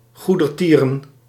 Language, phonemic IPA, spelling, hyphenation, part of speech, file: Dutch, /ˌɣu.dərˈtiː.rə(n)/, goedertieren, goe‧der‧tie‧ren, adjective, Nl-goedertieren.ogg
- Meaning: charitable, benevolent